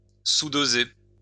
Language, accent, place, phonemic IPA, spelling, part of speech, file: French, France, Lyon, /su.do.ze/, sous-doser, verb, LL-Q150 (fra)-sous-doser.wav
- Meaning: to underdose